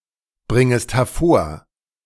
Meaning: second-person singular subjunctive I of hervorbringen
- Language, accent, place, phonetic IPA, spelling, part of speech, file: German, Germany, Berlin, [ˌbʁɪŋəst hɛɐ̯ˈfoːɐ̯], bringest hervor, verb, De-bringest hervor.ogg